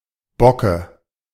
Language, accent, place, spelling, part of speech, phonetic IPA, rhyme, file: German, Germany, Berlin, Bocke, noun, [ˈbɔkə], -ɔkə, De-Bocke.ogg
- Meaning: dative singular of Bock